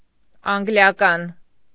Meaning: 1. English 2. British
- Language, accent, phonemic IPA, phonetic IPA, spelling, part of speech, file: Armenian, Eastern Armenian, /ɑnɡljɑˈkɑn/, [ɑŋɡljɑkɑ́n], անգլիական, adjective, Hy-անգլիական.ogg